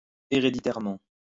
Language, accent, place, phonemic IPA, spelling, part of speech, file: French, France, Lyon, /e.ʁe.di.tɛʁ.mɑ̃/, héréditairement, adverb, LL-Q150 (fra)-héréditairement.wav
- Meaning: hereditarily